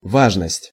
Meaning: importance, significance; relevance
- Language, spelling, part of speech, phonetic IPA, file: Russian, важность, noun, [ˈvaʐnəsʲtʲ], Ru-важность.ogg